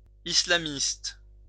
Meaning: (noun) Islamist
- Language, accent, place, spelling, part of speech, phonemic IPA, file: French, France, Lyon, islamiste, noun / adjective, /i.sla.mist/, LL-Q150 (fra)-islamiste.wav